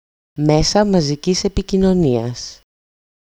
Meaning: nominative/accusative/vocative plural of μέσο μαζικής επικοινωνίας (méso mazikís epikoinonías): mass media
- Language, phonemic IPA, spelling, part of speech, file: Greek, /ˈmesa maziˈcis epicinoˈnias/, μέσα μαζικής επικοινωνίας, noun, EL-μέσα μαζικής επικοινωνίας.ogg